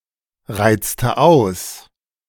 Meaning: inflection of ausreizen: 1. first/third-person singular preterite 2. first/third-person singular subjunctive II
- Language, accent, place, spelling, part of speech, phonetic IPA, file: German, Germany, Berlin, reizte aus, verb, [ˌʁaɪ̯t͡stə ˈaʊ̯s], De-reizte aus.ogg